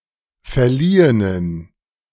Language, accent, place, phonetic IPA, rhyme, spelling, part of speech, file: German, Germany, Berlin, [fɛɐ̯ˈliːənən], -iːənən, verliehenen, adjective, De-verliehenen.ogg
- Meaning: inflection of verliehen: 1. strong genitive masculine/neuter singular 2. weak/mixed genitive/dative all-gender singular 3. strong/weak/mixed accusative masculine singular 4. strong dative plural